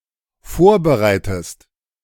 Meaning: inflection of vorbereiten: 1. second-person singular dependent present 2. second-person singular dependent subjunctive I
- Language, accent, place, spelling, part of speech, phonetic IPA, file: German, Germany, Berlin, vorbereitest, verb, [ˈfoːɐ̯bəˌʁaɪ̯təst], De-vorbereitest.ogg